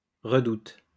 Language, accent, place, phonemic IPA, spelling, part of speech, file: French, France, Lyon, /ʁə.dut/, redoute, noun / verb, LL-Q150 (fra)-redoute.wav
- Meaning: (noun) An outwork of a fortification (cognate with redoubt); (verb) inflection of redouter: 1. first/third-person singular present indicative/subjunctive 2. second-person singular imperative